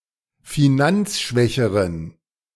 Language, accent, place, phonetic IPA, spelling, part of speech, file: German, Germany, Berlin, [fiˈnant͡sˌʃvɛçəʁən], finanzschwächeren, adjective, De-finanzschwächeren.ogg
- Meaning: inflection of finanzschwach: 1. strong genitive masculine/neuter singular comparative degree 2. weak/mixed genitive/dative all-gender singular comparative degree